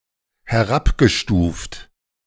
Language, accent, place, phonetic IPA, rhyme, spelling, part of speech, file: German, Germany, Berlin, [hɛˈʁapɡəˌʃtuːft], -apɡəʃtuːft, herabgestuft, verb, De-herabgestuft.ogg
- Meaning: past participle of herabstufen